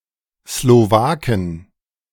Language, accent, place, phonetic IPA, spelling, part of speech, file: German, Germany, Berlin, [sloˈvaːkən], Slowaken, noun, De-Slowaken.ogg
- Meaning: 1. plural of Slowake 2. genitive singular of Slowake